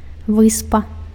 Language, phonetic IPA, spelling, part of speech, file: Belarusian, [ˈvɨspa], выспа, noun, Be-выспа.ogg
- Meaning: 1. isle, island (a contiguous area of land, smaller than a continent, totally surrounded by water) 2. islet (a small island, typically on a river or lake)